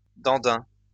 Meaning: buffoon, idiot
- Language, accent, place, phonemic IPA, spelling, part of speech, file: French, France, Lyon, /dɑ̃.dɛ̃/, dandin, noun, LL-Q150 (fra)-dandin.wav